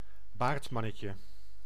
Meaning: diminutive of baardman
- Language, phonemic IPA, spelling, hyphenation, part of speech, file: Dutch, /ˈbaːrtˌmɑ.nə.tjə/, baardmannetje, baard‧man‧ne‧tje, noun, Nl-baardmannetje.ogg